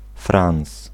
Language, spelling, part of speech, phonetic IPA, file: Polish, frans, noun, [frãw̃s], Pl-frans.ogg